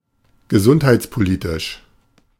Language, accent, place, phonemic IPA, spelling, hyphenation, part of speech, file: German, Germany, Berlin, /ɡəˈzʊnthaɪ̯t͡spoˌliːtɪʃ/, gesundheitspolitisch, ge‧sund‧heits‧po‧li‧tisch, adjective, De-gesundheitspolitisch.ogg
- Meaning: health policy